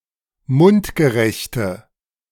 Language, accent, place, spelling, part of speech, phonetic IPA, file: German, Germany, Berlin, mundgerechte, adjective, [ˈmʊntɡəˌʁɛçtə], De-mundgerechte.ogg
- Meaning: inflection of mundgerecht: 1. strong/mixed nominative/accusative feminine singular 2. strong nominative/accusative plural 3. weak nominative all-gender singular